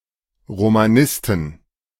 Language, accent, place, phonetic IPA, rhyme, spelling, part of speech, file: German, Germany, Berlin, [ʁomaˈnɪstn̩], -ɪstn̩, Romanisten, noun, De-Romanisten.ogg
- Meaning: inflection of Romanist: 1. genitive/dative/accusative singular 2. nominative/genitive/dative/accusative plural